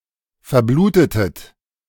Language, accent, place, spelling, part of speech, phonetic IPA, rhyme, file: German, Germany, Berlin, verblutetet, verb, [fɛɐ̯ˈbluːtətət], -uːtətət, De-verblutetet.ogg
- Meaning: inflection of verbluten: 1. second-person plural preterite 2. second-person plural subjunctive II